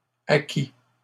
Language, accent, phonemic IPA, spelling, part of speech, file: French, Canada, /a.ki/, acquît, verb, LL-Q150 (fra)-acquît.wav
- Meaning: third-person singular imperfect subjunctive of acquérir